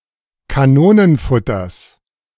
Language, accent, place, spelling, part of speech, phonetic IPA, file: German, Germany, Berlin, Kanonenfutters, noun, [kaˈnoːnənˌfʊtɐs], De-Kanonenfutters.ogg
- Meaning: genitive singular of Kanonenfutter